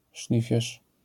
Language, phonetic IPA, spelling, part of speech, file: Polish, [ˈʃlʲifʲjɛʃ], szlifierz, noun, LL-Q809 (pol)-szlifierz.wav